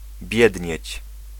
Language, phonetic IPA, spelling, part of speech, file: Polish, [ˈbʲjɛdʲɲɛ̇t͡ɕ], biednieć, verb, Pl-biednieć.ogg